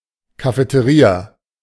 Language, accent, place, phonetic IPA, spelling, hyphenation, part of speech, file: German, Germany, Berlin, [kafeteˈʀiːa], Cafeteria, Ca‧fe‧te‧ria, noun, De-Cafeteria.ogg
- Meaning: cafeteria